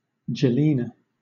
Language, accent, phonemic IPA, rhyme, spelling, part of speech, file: English, Southern England, /d͡ʒəˈliːnə/, -iːnə, Jelena, proper noun, LL-Q1860 (eng)-Jelena.wav
- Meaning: The couple consisting of celebrities Justin Bieber and Selena Gomez